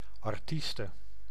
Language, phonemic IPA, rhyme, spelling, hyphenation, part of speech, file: Dutch, /ˌɑrˈtis.tə/, -istə, artieste, ar‧ties‧te, noun, Nl-artieste.ogg
- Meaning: female equivalent of artiest